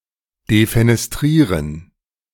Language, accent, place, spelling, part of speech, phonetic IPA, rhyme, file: German, Germany, Berlin, defenestrieren, verb, [defenɛsˈtʁiːʁən], -iːʁən, De-defenestrieren.ogg
- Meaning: to defenestrate